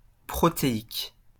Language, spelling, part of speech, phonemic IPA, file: French, protéique, adjective, /pʁɔ.te.ik/, LL-Q150 (fra)-protéique.wav
- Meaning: 1. proteinic 2. protean